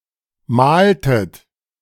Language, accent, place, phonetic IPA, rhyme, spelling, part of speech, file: German, Germany, Berlin, [ˈmaːltət], -aːltət, mahltet, verb, De-mahltet.ogg
- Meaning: inflection of mahlen: 1. second-person plural preterite 2. second-person plural subjunctive II